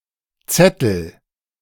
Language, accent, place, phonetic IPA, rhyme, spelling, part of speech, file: German, Germany, Berlin, [ˈt͡sɛtl̩], -ɛtl̩, zettel, verb, De-zettel.ogg
- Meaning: inflection of zetteln: 1. first-person singular present 2. singular imperative